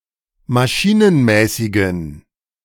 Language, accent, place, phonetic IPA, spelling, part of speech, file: German, Germany, Berlin, [maˈʃiːnənˌmɛːsɪɡn̩], maschinenmäßigen, adjective, De-maschinenmäßigen.ogg
- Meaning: inflection of maschinenmäßig: 1. strong genitive masculine/neuter singular 2. weak/mixed genitive/dative all-gender singular 3. strong/weak/mixed accusative masculine singular 4. strong dative plural